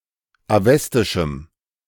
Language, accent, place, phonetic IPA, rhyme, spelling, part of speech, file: German, Germany, Berlin, [aˈvɛstɪʃm̩], -ɛstɪʃm̩, awestischem, adjective, De-awestischem.ogg
- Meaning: strong dative masculine/neuter singular of awestisch